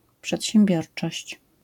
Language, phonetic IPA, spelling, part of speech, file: Polish, [ˌpʃɛtʲɕɛ̃mˈbʲjɔrt͡ʃɔɕt͡ɕ], przedsiębiorczość, noun, LL-Q809 (pol)-przedsiębiorczość.wav